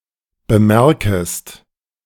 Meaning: second-person singular subjunctive I of bemerken
- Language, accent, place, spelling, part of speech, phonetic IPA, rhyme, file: German, Germany, Berlin, bemerkest, verb, [bəˈmɛʁkəst], -ɛʁkəst, De-bemerkest.ogg